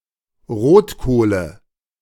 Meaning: nominative/accusative/genitive plural of Rotkohl
- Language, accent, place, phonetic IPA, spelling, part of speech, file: German, Germany, Berlin, [ˈʁoːtˌkoːlə], Rotkohle, noun, De-Rotkohle.ogg